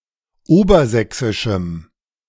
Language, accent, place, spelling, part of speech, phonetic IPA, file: German, Germany, Berlin, obersächsischem, adjective, [ˈoːbɐˌzɛksɪʃm̩], De-obersächsischem.ogg
- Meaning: strong dative masculine/neuter singular of obersächsisch